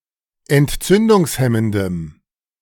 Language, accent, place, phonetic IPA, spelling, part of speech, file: German, Germany, Berlin, [ɛntˈt͡sʏndʊŋsˌhɛməndəm], entzündungshemmendem, adjective, De-entzündungshemmendem.ogg
- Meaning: strong dative masculine/neuter singular of entzündungshemmend